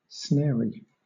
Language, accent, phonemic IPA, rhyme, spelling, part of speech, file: English, Southern England, /ˈsnɛəɹi/, -ɛəɹi, snary, adjective, LL-Q1860 (eng)-snary.wav
- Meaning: Resembling, or consisting of, snares; tending to entangle; insidious